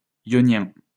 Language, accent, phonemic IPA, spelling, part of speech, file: French, France, /jɔ.njɛ̃/, ionien, adjective / noun, LL-Q150 (fra)-ionien.wav
- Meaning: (adjective) Ionian; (noun) Ionic Greek